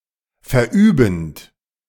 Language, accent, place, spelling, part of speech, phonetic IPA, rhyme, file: German, Germany, Berlin, verübend, verb, [fɛɐ̯ˈʔyːbn̩t], -yːbn̩t, De-verübend.ogg
- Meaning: present participle of verüben